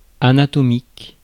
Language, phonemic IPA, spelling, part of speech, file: French, /a.na.tɔ.mik/, anatomique, adjective, Fr-anatomique.ogg
- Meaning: anatomical